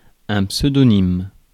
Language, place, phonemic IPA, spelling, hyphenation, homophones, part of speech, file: French, Paris, /psø.dɔ.nim/, pseudonyme, pseu‧do‧nyme, pseudonymes, adjective / noun, Fr-pseudonyme.ogg
- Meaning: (adjective) pseudonymous, done under a pseudonym; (noun) pseudonym